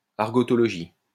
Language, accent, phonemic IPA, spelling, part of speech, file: French, France, /aʁ.ɡɔ.tɔ.lɔ.ʒi/, argotologie, noun, LL-Q150 (fra)-argotologie.wav
- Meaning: study of argot